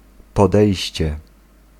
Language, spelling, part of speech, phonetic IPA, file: Polish, podejście, noun, [pɔˈdɛjɕt͡ɕɛ], Pl-podejście.ogg